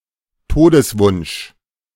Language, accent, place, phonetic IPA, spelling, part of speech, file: German, Germany, Berlin, [ˈtoːdəsˌvʊnʃ], Todeswunsch, noun, De-Todeswunsch.ogg
- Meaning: death wish, deathwish